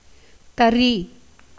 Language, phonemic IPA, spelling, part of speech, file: Tamil, /t̪ɐriː/, தறி, verb / noun, Ta-தறி.ogg
- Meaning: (verb) 1. to lop, chop off, cut off, cut down 2. to untie, unfasten 3. to frustrate, ruin 4. to separate 5. to be cut off, broken; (noun) 1. cutting off 2. loom 3. pillar, column 4. post, stake 5. peg